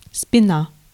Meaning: 1. back, the rear of the torso 2. the back of a piece of furniture etc 3. spine, backbone
- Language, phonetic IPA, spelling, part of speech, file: Russian, [spʲɪˈna], спина, noun, Ru-спина.ogg